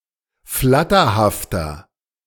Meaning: 1. comparative degree of flatterhaft 2. inflection of flatterhaft: strong/mixed nominative masculine singular 3. inflection of flatterhaft: strong genitive/dative feminine singular
- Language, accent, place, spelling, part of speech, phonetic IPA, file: German, Germany, Berlin, flatterhafter, adjective, [ˈflatɐhaftɐ], De-flatterhafter.ogg